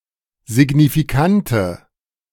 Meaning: inflection of signifikant: 1. strong/mixed nominative/accusative feminine singular 2. strong nominative/accusative plural 3. weak nominative all-gender singular
- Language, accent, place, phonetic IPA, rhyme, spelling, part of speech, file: German, Germany, Berlin, [zɪɡnifiˈkantə], -antə, signifikante, adjective, De-signifikante.ogg